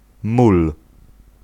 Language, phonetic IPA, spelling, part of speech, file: Polish, [mul], mól, noun, Pl-mól.ogg